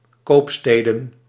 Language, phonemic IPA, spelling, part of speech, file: Dutch, /ˈkopstedə(n)/, koopsteden, noun, Nl-koopsteden.ogg
- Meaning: plural of koopstad